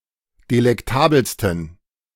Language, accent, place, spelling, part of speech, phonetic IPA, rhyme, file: German, Germany, Berlin, delektabelsten, adjective, [delɛkˈtaːbl̩stn̩], -aːbl̩stn̩, De-delektabelsten.ogg
- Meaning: 1. superlative degree of delektabel 2. inflection of delektabel: strong genitive masculine/neuter singular superlative degree